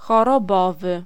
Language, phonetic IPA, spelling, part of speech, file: Polish, [ˌxɔrɔˈbɔvɨ], chorobowy, adjective, Pl-chorobowy.ogg